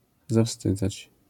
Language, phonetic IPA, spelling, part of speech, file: Polish, [zaˈfstɨd͡zat͡ɕ], zawstydzać, verb, LL-Q809 (pol)-zawstydzać.wav